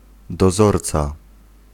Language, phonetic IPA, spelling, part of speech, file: Polish, [dɔˈzɔrt͡sa], dozorca, noun, Pl-dozorca.ogg